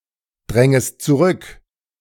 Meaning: second-person singular subjunctive I of zurückdrängen
- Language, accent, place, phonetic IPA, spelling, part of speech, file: German, Germany, Berlin, [ˌdʁɛŋəst t͡suˈʁʏk], drängest zurück, verb, De-drängest zurück.ogg